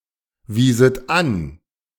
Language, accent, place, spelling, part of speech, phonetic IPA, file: German, Germany, Berlin, wieset an, verb, [ˌviːzət ˈan], De-wieset an.ogg
- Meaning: second-person plural subjunctive II of anweisen